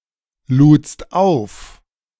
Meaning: second-person singular preterite of aufladen
- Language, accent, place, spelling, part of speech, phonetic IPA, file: German, Germany, Berlin, ludst auf, verb, [ˌluːt͡st ˈaʊ̯f], De-ludst auf.ogg